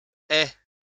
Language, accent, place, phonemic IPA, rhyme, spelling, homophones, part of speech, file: French, France, Lyon, /ɛ/, -ɛ, aient, aie / aies / ais / ait / es / haie / haies / hais, verb, LL-Q150 (fra)-aient.wav
- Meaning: third-person plural present subjunctive of avoir